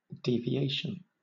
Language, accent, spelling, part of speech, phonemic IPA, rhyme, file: English, Southern England, deviation, noun, /ˌdiː.viˈeɪʃən/, -eɪʃən, LL-Q1860 (eng)-deviation.wav
- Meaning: 1. The act of deviating; wandering off the correct or true path or road 2. A departure from the correct way of acting